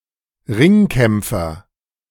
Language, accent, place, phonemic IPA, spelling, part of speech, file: German, Germany, Berlin, /ˈʁɪŋˌkʰɛmpfɐ/, Ringkämpfer, noun, De-Ringkämpfer.ogg
- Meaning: wrestler